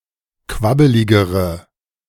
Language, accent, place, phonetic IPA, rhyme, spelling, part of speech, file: German, Germany, Berlin, [ˈkvabəlɪɡəʁə], -abəlɪɡəʁə, quabbeligere, adjective, De-quabbeligere.ogg
- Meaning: inflection of quabbelig: 1. strong/mixed nominative/accusative feminine singular comparative degree 2. strong nominative/accusative plural comparative degree